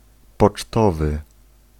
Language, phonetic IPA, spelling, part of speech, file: Polish, [pɔt͡ʃˈtɔvɨ], pocztowy, adjective, Pl-pocztowy.ogg